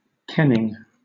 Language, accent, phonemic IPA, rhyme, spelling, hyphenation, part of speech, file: English, Southern England, /ˈkɛnɪŋ/, -ɛnɪŋ, kenning, ken‧ning, noun / verb, LL-Q1860 (eng)-kenning.wav
- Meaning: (noun) 1. Sight, view; specifically a distant view at sea 2. The range or extent of vision, especially at sea; (by extension) a marine measure of approximately twenty miles